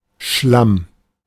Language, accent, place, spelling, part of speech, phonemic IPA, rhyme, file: German, Germany, Berlin, Schlamm, noun, /ʃlam/, -am, De-Schlamm.ogg
- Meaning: 1. mud 2. sludge, ooze